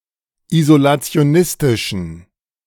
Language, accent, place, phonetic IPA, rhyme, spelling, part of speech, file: German, Germany, Berlin, [izolat͡si̯oˈnɪstɪʃn̩], -ɪstɪʃn̩, isolationistischen, adjective, De-isolationistischen.ogg
- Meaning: inflection of isolationistisch: 1. strong genitive masculine/neuter singular 2. weak/mixed genitive/dative all-gender singular 3. strong/weak/mixed accusative masculine singular